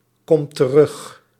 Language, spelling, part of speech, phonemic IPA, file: Dutch, komt terug, verb, /ˈkɔmt t(ə)ˈrʏx/, Nl-komt terug.ogg
- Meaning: inflection of terugkomen: 1. second/third-person singular present indicative 2. plural imperative